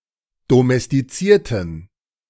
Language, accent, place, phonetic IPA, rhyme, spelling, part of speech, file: German, Germany, Berlin, [domɛstiˈt͡siːɐ̯tn̩], -iːɐ̯tn̩, domestizierten, adjective / verb, De-domestizierten.ogg
- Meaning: inflection of domestizieren: 1. first/third-person plural preterite 2. first/third-person plural subjunctive II